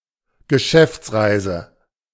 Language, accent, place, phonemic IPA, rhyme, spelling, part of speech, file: German, Germany, Berlin, /ɡəˈʃɛftsˌʁaɪ̯zə/, -aɪ̯zə, Geschäftsreise, noun, De-Geschäftsreise.ogg
- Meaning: business trip (travel for business purposes)